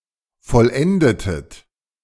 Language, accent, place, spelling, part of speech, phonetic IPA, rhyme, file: German, Germany, Berlin, vollendetet, verb, [fɔlˈʔɛndətət], -ɛndətət, De-vollendetet.ogg
- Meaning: inflection of vollenden: 1. second-person plural preterite 2. second-person plural subjunctive II